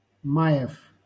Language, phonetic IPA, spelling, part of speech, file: Russian, [ˈma(j)ɪf], маев, noun, LL-Q7737 (rus)-маев.wav
- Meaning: genitive plural of май (maj)